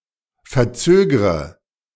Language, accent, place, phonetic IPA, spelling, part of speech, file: German, Germany, Berlin, [fɛɐ̯ˈt͡søːɡʁə], verzögre, verb, De-verzögre.ogg
- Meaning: inflection of verzögern: 1. first-person singular present 2. first/third-person singular subjunctive I 3. singular imperative